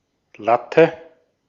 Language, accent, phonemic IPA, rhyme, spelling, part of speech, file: German, Austria, /ˈlatə/, -atə, Latte, noun, De-at-Latte.ogg
- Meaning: 1. batten; lath; slat (narrow board or strip, usually of wood) 2. boner, erection 3. beanpole (tall, thin person) 4. heap, ton (large quantity) 5. all the same